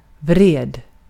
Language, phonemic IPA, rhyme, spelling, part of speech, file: Swedish, /vreːd/, -eːd, vred, noun / adjective / verb, Sv-vred.ogg
- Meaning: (noun) handle, knob, pinion; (adjective) 1. angry 2. angry: wroth (though not as archaic); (verb) past indicative of vrida